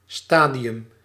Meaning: 1. a stage; a phase 2. a stadium
- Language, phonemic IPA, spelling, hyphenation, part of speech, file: Dutch, /ˈstaː.di.ʏm/, stadium, sta‧di‧um, noun, Nl-stadium.ogg